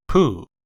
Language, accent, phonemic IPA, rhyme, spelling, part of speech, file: English, US, /puː/, -uː, Pooh, proper noun, En-us-Pooh.ogg
- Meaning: Ellipsis of Winnie the Pooh